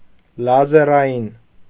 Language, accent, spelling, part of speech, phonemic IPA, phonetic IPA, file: Armenian, Eastern Armenian, լազերային, adjective, /lɑzeɾɑˈjin/, [lɑzeɾɑjín], Hy-լազերային.ogg
- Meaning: laser